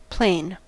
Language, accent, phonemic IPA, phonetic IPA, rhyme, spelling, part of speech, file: English, US, /pleɪn/, [pl̥eɪn], -eɪn, plain, adjective / adverb / noun / verb, En-us-plain.ogg
- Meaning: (adjective) 1. Flat, level 2. Simple, unaltered.: Ordinary; lacking adornment or ornamentation; unembellished 3. Simple, unaltered.: Of just one colour; lacking a pattern